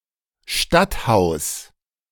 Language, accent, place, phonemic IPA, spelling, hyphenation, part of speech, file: German, Germany, Berlin, /ˈʃtatˌhaʊ̯s/, Stadthaus, Stadt‧haus, noun, De-Stadthaus.ogg
- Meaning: townhouse